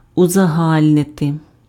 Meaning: to generalize
- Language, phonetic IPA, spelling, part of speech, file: Ukrainian, [ʊzɐˈɦalʲnete], узагальнити, verb, Uk-узагальнити.ogg